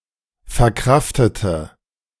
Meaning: inflection of verkraften: 1. first/third-person singular preterite 2. first/third-person singular subjunctive II
- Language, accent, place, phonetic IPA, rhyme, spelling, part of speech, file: German, Germany, Berlin, [fɛɐ̯ˈkʁaftətə], -aftətə, verkraftete, adjective / verb, De-verkraftete.ogg